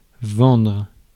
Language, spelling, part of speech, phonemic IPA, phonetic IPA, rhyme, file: French, vendre, verb, /vɑ̃dʁ/, [vɔ̃n], -ɑ̃dʁ, Fr-vendre.ogg
- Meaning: 1. to sell 2. to sell out (betray)